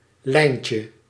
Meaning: diminutive of lijn
- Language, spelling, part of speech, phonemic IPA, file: Dutch, lijntje, noun, /ˈlɛincə/, Nl-lijntje.ogg